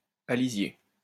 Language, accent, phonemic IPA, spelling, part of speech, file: French, France, /a.li.zje/, alisier, noun, LL-Q150 (fra)-alisier.wav
- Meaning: whitebeam